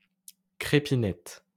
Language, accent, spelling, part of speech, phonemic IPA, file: French, France, crépinette, noun, /kʁe.pi.nɛt/, LL-Q150 (fra)-crépinette.wav
- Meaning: a type of flat pork sausage enclosed in a caul